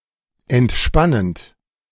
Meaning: present participle of entspannen
- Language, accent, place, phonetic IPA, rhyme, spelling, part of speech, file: German, Germany, Berlin, [ɛntˈʃpanənt], -anənt, entspannend, verb, De-entspannend.ogg